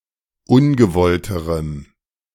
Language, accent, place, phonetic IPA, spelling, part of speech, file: German, Germany, Berlin, [ˈʊnɡəˌvɔltəʁəm], ungewollterem, adjective, De-ungewollterem.ogg
- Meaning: strong dative masculine/neuter singular comparative degree of ungewollt